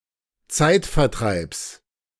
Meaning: genitive of Zeitvertreib
- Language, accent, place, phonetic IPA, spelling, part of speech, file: German, Germany, Berlin, [ˈt͡saɪ̯tfɛɐ̯ˌtʁaɪ̯ps], Zeitvertreibs, noun, De-Zeitvertreibs.ogg